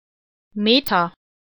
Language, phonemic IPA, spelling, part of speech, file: German, /ˈmeːta/, Meta, proper noun, De-Meta.ogg
- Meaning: a female given name, variant of Margarete, popular in Germany around 1900